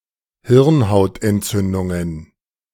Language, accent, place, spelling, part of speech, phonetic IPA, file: German, Germany, Berlin, Hirnhautentzündungen, noun, [ˈhɪʁnhaʊ̯tʔɛntˌt͡sʏndʊŋən], De-Hirnhautentzündungen.ogg
- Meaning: plural of Hirnhautentzündung